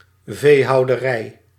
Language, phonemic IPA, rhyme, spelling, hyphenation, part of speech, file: Dutch, /ˌveː.ɦɑu̯.dəˈrɛi̯/, -ɛi̯, veehouderij, vee‧hou‧de‧rij, noun, Nl-veehouderij.ogg
- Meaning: 1. husbandry 2. farm where livestock are raised, cattle farm